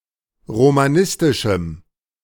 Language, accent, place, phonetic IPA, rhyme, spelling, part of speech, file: German, Germany, Berlin, [ʁomaˈnɪstɪʃm̩], -ɪstɪʃm̩, romanistischem, adjective, De-romanistischem.ogg
- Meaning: strong dative masculine/neuter singular of romanistisch